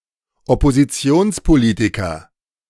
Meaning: politician of the opposition
- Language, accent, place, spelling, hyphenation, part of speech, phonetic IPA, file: German, Germany, Berlin, Oppositionspolitiker, Op‧po‧si‧ti‧ons‧po‧li‧ti‧ker, noun, [ɔpoziˈtsioːnspoˌliːtikɐ], De-Oppositionspolitiker.ogg